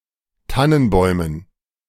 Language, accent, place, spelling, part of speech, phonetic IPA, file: German, Germany, Berlin, Tannenbäumen, noun, [ˈtanənˌbɔɪ̯mən], De-Tannenbäumen.ogg
- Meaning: dative plural of Tannenbaum